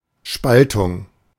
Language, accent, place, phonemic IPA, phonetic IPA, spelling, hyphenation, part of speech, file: German, Germany, Berlin, /ˈʃpaltʊŋ/, [ˈʃpaltʰʊŋ], Spaltung, Spal‧tung, noun, De-Spaltung.ogg
- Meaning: 1. division 2. splitting 3. fission